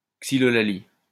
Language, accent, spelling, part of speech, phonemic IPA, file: French, France, xylolalie, noun, /ɡzi.lɔ.la.li/, LL-Q150 (fra)-xylolalie.wav
- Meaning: synonym of langue de bois